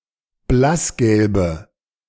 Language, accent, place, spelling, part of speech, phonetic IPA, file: German, Germany, Berlin, blassgelbe, adjective, [ˈblasˌɡɛlbə], De-blassgelbe.ogg
- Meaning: inflection of blassgelb: 1. strong/mixed nominative/accusative feminine singular 2. strong nominative/accusative plural 3. weak nominative all-gender singular